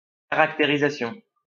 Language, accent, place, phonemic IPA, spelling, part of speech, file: French, France, Lyon, /ka.ʁak.te.ʁi.za.sjɔ̃/, caractérisation, noun, LL-Q150 (fra)-caractérisation.wav
- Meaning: characterization